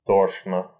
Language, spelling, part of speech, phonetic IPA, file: Russian, тошно, adverb / adjective, [ˈtoʂnə], Ru-то́шно.ogg
- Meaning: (adverb) 1. disgustingly, sickeningly 2. miserably; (adjective) 1. it is nauseating, it is sickening 2. it is miserable, it is wretched 3. it is anguishing